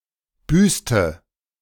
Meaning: inflection of büßen: 1. first/third-person singular preterite 2. first/third-person singular subjunctive II
- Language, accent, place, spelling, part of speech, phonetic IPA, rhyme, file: German, Germany, Berlin, büßte, verb, [ˈbyːstə], -yːstə, De-büßte.ogg